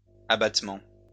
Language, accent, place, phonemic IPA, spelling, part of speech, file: French, France, Lyon, /a.bat.mɑ̃/, abattements, noun, LL-Q150 (fra)-abattements.wav
- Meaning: plural of abattement